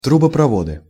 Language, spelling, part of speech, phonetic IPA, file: Russian, трубопроводы, noun, [trʊbəprɐˈvodɨ], Ru-трубопроводы.ogg
- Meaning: nominative/accusative plural of трубопрово́д (truboprovód)